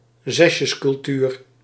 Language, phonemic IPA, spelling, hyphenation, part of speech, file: Dutch, /ˈzɛs.jəs.kʏlˌtyːr/, zesjescultuur, zes‧jes‧cul‧tuur, noun, Nl-zesjescultuur.ogg
- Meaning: Used to refer to a tendency to be satisfied with mediocre (academic) results and to value egalitarianism over (academic) excellence